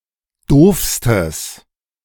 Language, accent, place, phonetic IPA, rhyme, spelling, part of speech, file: German, Germany, Berlin, [ˈdoːfstəs], -oːfstəs, doofstes, adjective, De-doofstes.ogg
- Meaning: strong/mixed nominative/accusative neuter singular superlative degree of doof